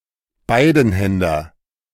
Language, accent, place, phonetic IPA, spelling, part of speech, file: German, Germany, Berlin, [ˈbaɪ̯dn̩ˌhɛndɐ], Beidenhänder, noun, De-Beidenhänder.ogg
- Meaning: a two-handed sword or other weapon